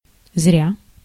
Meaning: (adverb) in vain, to no avail, for nothing
- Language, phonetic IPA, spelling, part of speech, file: Russian, [zrʲa], зря, adverb / verb, Ru-зря.ogg